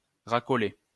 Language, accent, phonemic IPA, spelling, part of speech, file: French, France, /ʁa.kɔ.le/, racoler, verb, LL-Q150 (fra)-racoler.wav
- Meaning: to solicit, tout for (clients, business etc.), to hustle